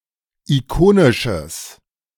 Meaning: strong/mixed nominative/accusative neuter singular of ikonisch
- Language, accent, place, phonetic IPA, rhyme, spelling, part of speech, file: German, Germany, Berlin, [iˈkoːnɪʃəs], -oːnɪʃəs, ikonisches, adjective, De-ikonisches.ogg